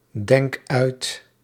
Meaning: inflection of uitdenken: 1. first-person singular present indicative 2. second-person singular present indicative 3. imperative
- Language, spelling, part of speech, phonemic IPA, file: Dutch, denk uit, verb, /ˈdɛŋk ˈœyt/, Nl-denk uit.ogg